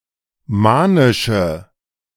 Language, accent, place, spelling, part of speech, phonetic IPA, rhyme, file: German, Germany, Berlin, manische, adjective, [ˈmaːnɪʃə], -aːnɪʃə, De-manische.ogg
- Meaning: inflection of manisch: 1. strong/mixed nominative/accusative feminine singular 2. strong nominative/accusative plural 3. weak nominative all-gender singular 4. weak accusative feminine/neuter singular